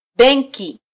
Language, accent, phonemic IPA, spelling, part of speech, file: Swahili, Kenya, /ˈɓɛn.ki/, benki, noun, Sw-ke-benki.flac
- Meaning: bank (institution)